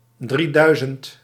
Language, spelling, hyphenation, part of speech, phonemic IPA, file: Dutch, drieduizend, drie‧dui‧zend, numeral, /ˈdriˌdœy̯.zənt/, Nl-drieduizend.ogg
- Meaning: three thousand